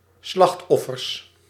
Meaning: plural of slachtoffer
- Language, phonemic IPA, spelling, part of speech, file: Dutch, /ˈslɑxtɔfərs/, slachtoffers, noun, Nl-slachtoffers.ogg